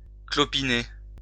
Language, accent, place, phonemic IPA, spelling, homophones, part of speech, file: French, France, Lyon, /klɔ.pi.ne/, clopiner, clopinai / clopiné / clopinez, verb, LL-Q150 (fra)-clopiner.wav
- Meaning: to limp; to hobble; to halt